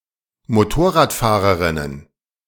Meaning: plural of Motorradfahrerin
- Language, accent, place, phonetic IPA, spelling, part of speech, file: German, Germany, Berlin, [moˈtoːɐ̯ʁaːtfaːʁəʁɪnən], Motorradfahrerinnen, noun, De-Motorradfahrerinnen.ogg